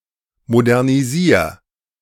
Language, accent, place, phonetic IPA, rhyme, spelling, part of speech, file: German, Germany, Berlin, [modɛʁniˈziːɐ̯], -iːɐ̯, modernisier, verb, De-modernisier.ogg
- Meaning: 1. singular imperative of modernisieren 2. first-person singular present of modernisieren